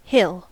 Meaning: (noun) 1. An elevated landmass smaller than a mountain 2. A sloping part of a landscape, especially one with a road, trail, etc 3. A heap of earth surrounding a plant
- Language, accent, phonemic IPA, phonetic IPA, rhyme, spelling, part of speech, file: English, US, /hɪl/, [hɪɫ], -ɪl, hill, noun / verb, En-us-hill.ogg